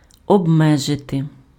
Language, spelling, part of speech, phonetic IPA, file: Ukrainian, обмежити, verb, [ɔbˈmɛʒete], Uk-обмежити.ogg
- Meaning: to limit, to restrict, to confine